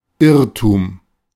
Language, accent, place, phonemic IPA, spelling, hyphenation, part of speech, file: German, Germany, Berlin, /ˈɪʁtʊm/, Irrtum, Irr‧tum, noun, De-Irrtum.ogg
- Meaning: error, mistake